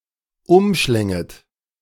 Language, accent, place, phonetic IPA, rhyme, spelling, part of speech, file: German, Germany, Berlin, [ˈʊmˌʃlɛŋət], -ʊmʃlɛŋət, umschlänget, verb, De-umschlänget.ogg
- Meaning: second-person plural subjunctive II of umschlingen